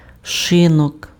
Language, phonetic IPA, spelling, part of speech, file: Ukrainian, [ʃeˈnɔk], шинок, noun, Uk-шинок.ogg
- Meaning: pub, inn